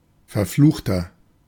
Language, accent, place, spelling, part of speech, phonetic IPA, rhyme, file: German, Germany, Berlin, verfluchter, adjective, [fɛɐ̯ˈfluːxtɐ], -uːxtɐ, De-verfluchter.ogg
- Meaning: inflection of verflucht: 1. strong/mixed nominative masculine singular 2. strong genitive/dative feminine singular 3. strong genitive plural